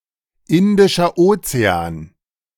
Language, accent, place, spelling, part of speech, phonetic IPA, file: German, Germany, Berlin, Indischer Ozean, proper noun, [ˌɪndɪʃɐ ˈoːt͡seaːn], De-Indischer Ozean.ogg
- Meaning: Indian Ocean (the ocean separating Africa, southern Asia, Australia and Antarctica)